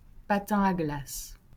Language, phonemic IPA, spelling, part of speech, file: French, /pa.tɛ̃ a ɡlas/, patin à glace, noun, LL-Q150 (fra)-patin à glace.wav
- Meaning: 1. ice skating 2. ice skate